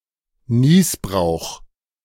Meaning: usufruct
- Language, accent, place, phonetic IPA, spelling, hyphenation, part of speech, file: German, Germany, Berlin, [ˈniːsbʁaʊ̯x], Nießbrauch, Nieß‧brauch, noun, De-Nießbrauch.ogg